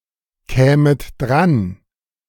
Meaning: second-person plural subjunctive II of drankommen
- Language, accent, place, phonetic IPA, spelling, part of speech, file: German, Germany, Berlin, [ˌkɛːmət ˈdʁan], kämet dran, verb, De-kämet dran.ogg